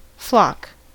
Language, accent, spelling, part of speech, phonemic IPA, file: English, US, flock, noun / verb, /flɑk/, En-us-flock.ogg